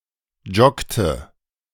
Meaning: inflection of joggen: 1. first/third-person singular preterite 2. first/third-person singular subjunctive II
- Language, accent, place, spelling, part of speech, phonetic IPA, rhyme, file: German, Germany, Berlin, joggte, verb, [ˈd͡ʒɔktə], -ɔktə, De-joggte.ogg